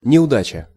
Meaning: misfortune, mishap, bad luck, failure
- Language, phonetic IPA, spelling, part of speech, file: Russian, [nʲɪʊˈdat͡ɕə], неудача, noun, Ru-неудача.ogg